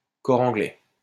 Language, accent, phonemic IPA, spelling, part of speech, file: French, France, /kɔ.ʁ‿ɑ̃.ɡlɛ/, cor anglais, noun, LL-Q150 (fra)-cor anglais.wav
- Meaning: cor anglais, English horn